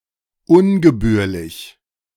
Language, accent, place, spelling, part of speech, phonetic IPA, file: German, Germany, Berlin, ungebührlich, adjective, [ˈʊnɡəˌbyːɐ̯lɪç], De-ungebührlich.ogg
- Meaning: improper